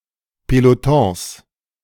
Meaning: plural of Peloton
- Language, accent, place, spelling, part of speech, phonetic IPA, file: German, Germany, Berlin, Pelotons, noun, [peloˈtõːs], De-Pelotons.ogg